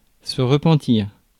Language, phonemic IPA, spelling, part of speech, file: French, /ʁə.pɑ̃.tiʁ/, repentir, verb / noun, Fr-repentir.ogg
- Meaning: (verb) to repent; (noun) 1. repentance 2. pentimento